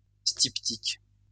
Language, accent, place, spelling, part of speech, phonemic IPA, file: French, France, Lyon, styptique, adjective, /stip.tik/, LL-Q150 (fra)-styptique.wav
- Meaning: styptic